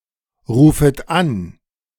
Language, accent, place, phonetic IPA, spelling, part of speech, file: German, Germany, Berlin, [ˌʁuːfət ˈan], rufet an, verb, De-rufet an.ogg
- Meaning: second-person plural subjunctive I of anrufen